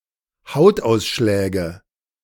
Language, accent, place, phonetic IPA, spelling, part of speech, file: German, Germany, Berlin, [ˈhaʊ̯tˌʔaʊ̯sʃlɛːɡə], Hautausschläge, noun, De-Hautausschläge.ogg
- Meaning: nominative/accusative/genitive plural of Hautausschlag